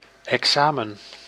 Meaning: exam, examination, major test
- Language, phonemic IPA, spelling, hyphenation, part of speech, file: Dutch, /ˌɛkˈsaː.mə(n)/, examen, exa‧men, noun, Nl-examen.ogg